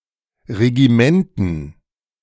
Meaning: dative plural of Regiment
- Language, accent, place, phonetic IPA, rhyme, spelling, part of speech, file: German, Germany, Berlin, [ʁeɡiˈmɛntn̩], -ɛntn̩, Regimenten, noun, De-Regimenten.ogg